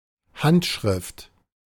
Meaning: 1. handwriting 2. manuscript
- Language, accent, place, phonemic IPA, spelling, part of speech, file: German, Germany, Berlin, /ˈhantˌʃʁɪft/, Handschrift, noun, De-Handschrift.ogg